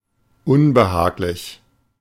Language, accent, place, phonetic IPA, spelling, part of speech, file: German, Germany, Berlin, [ˈʊnbəˌhaːklɪç], unbehaglich, adjective, De-unbehaglich.ogg
- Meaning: 1. uncomfortable (not comfortable) 2. awkward